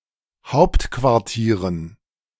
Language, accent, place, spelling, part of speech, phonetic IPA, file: German, Germany, Berlin, Hauptquartieren, noun, [ˈhaʊ̯ptkvaʁˌtiːʁən], De-Hauptquartieren.ogg
- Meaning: dative plural of Hauptquartier